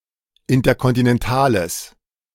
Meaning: strong/mixed nominative/accusative neuter singular of interkontinental
- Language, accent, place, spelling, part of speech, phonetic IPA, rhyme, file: German, Germany, Berlin, interkontinentales, adjective, [ˌɪntɐkɔntinɛnˈtaːləs], -aːləs, De-interkontinentales.ogg